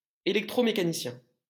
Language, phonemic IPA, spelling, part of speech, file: French, /e.lɛk.tʁo.me.ka.ni.sjɛ̃/, électromécanicien, noun, LL-Q150 (fra)-électromécanicien.wav
- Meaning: electrical mechanic / technician